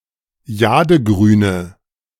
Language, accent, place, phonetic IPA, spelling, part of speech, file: German, Germany, Berlin, [ˈjaːdəˌɡʁyːnə], jadegrüne, adjective, De-jadegrüne.ogg
- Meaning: inflection of jadegrün: 1. strong/mixed nominative/accusative feminine singular 2. strong nominative/accusative plural 3. weak nominative all-gender singular